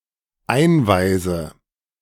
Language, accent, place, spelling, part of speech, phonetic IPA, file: German, Germany, Berlin, einweise, verb, [ˈaɪ̯nˌvaɪ̯zə], De-einweise.ogg
- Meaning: inflection of einweisen: 1. first-person singular dependent present 2. first/third-person singular dependent subjunctive I